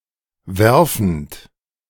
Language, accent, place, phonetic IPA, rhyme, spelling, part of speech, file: German, Germany, Berlin, [ˈvɛʁfn̩t], -ɛʁfn̩t, werfend, verb, De-werfend.ogg
- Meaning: present participle of werfen